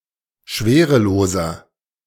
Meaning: inflection of schwerelos: 1. strong/mixed nominative masculine singular 2. strong genitive/dative feminine singular 3. strong genitive plural
- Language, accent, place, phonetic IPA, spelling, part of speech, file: German, Germany, Berlin, [ˈʃveːʁəˌloːzɐ], schwereloser, adjective, De-schwereloser.ogg